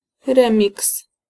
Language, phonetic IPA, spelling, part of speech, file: Polish, [ˈrɛ̃mʲiks], remiks, noun, Pl-remiks.ogg